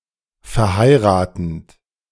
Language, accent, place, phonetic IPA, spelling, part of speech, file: German, Germany, Berlin, [fɛɐ̯ˈhaɪ̯ʁaːtn̩t], verheiratend, verb, De-verheiratend.ogg
- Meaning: present participle of verheiraten